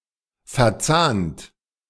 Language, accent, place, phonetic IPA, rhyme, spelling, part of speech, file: German, Germany, Berlin, [fɛɐ̯ˈt͡saːnt], -aːnt, verzahnt, verb, De-verzahnt.ogg
- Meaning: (verb) past participle of verzahnen; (adjective) related, connected, interconnected